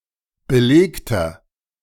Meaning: inflection of belegt: 1. strong/mixed nominative masculine singular 2. strong genitive/dative feminine singular 3. strong genitive plural
- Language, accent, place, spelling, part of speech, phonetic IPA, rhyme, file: German, Germany, Berlin, belegter, adjective, [bəˈleːktɐ], -eːktɐ, De-belegter.ogg